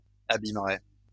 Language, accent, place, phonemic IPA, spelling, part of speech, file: French, France, Lyon, /a.bim.ʁɛ/, abîmerais, verb, LL-Q150 (fra)-abîmerais.wav
- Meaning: first/second-person singular conditional of abîmer